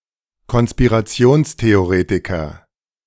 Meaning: conspiracy theorist
- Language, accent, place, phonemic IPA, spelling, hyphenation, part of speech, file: German, Germany, Berlin, /kɔn.spi.ʁaˈt͡si̯oːns.te.oˌʁeː.ti.kɐ/, Konspirationstheoretiker, Kon‧spi‧ra‧ti‧ons‧the‧o‧re‧ti‧ker, noun, De-Konspirationstheoretiker.ogg